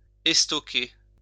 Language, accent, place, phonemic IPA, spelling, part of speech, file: French, France, Lyon, /ɛs.tɔ.ke/, estoquer, verb, LL-Q150 (fra)-estoquer.wav
- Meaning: to impale